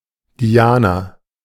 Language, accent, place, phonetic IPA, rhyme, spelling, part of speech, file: German, Germany, Berlin, [ˈdi̯aːna], -aːna, Diana, proper noun, De-Diana.ogg
- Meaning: 1. Diana 2. a female given name, equivalent to English Diana